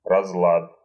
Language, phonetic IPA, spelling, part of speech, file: Russian, [rɐzˈɫat], разлад, noun, Ru-разлад.ogg
- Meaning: 1. disorder 2. discord, dissension